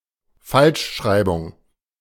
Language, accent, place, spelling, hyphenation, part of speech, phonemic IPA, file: German, Germany, Berlin, Falschschreibung, Falsch‧schrei‧bung, noun, /ˈfalʃˌʃʁaɪ̯bʊŋ/, De-Falschschreibung.ogg
- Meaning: misspelling